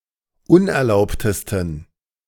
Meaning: 1. superlative degree of unerlaubt 2. inflection of unerlaubt: strong genitive masculine/neuter singular superlative degree
- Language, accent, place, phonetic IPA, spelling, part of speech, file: German, Germany, Berlin, [ˈʊnʔɛɐ̯ˌlaʊ̯ptəstn̩], unerlaubtesten, adjective, De-unerlaubtesten.ogg